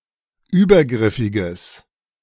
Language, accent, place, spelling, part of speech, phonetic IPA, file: German, Germany, Berlin, übergriffiges, adjective, [ˈyːbɐˌɡʁɪfɪɡəs], De-übergriffiges.ogg
- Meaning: strong/mixed nominative/accusative neuter singular of übergriffig